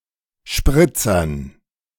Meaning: dative plural of Spritzer
- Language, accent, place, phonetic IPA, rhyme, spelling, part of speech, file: German, Germany, Berlin, [ˈʃpʁɪt͡sɐn], -ɪt͡sɐn, Spritzern, noun, De-Spritzern.ogg